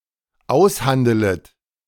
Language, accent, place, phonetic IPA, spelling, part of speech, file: German, Germany, Berlin, [ˈaʊ̯sˌhandələt], aushandelet, verb, De-aushandelet.ogg
- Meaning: second-person plural dependent subjunctive I of aushandeln